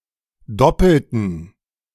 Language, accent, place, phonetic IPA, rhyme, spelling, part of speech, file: German, Germany, Berlin, [ˈdɔpl̩tn̩], -ɔpl̩tn̩, doppelten, adjective / verb, De-doppelten.ogg
- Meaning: inflection of doppelt: 1. strong genitive masculine/neuter singular 2. weak/mixed genitive/dative all-gender singular 3. strong/weak/mixed accusative masculine singular 4. strong dative plural